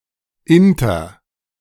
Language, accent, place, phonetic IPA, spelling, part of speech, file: German, Germany, Berlin, [ˈɪntɐ], inter-, prefix, De-inter-.ogg
- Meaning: inter-